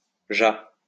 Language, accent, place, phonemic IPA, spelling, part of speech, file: French, France, Lyon, /ʒa/, jà, adverb, LL-Q150 (fra)-jà.wav
- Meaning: already